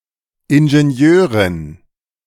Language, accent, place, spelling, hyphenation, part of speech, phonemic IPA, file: German, Germany, Berlin, Ingenieurin, In‧ge‧ni‧eu‧rin, noun, /ɪnʒenˈjøːʁɪn/, De-Ingenieurin.ogg
- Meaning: engineer (female) (woman qualified or professionally engaged in engineering)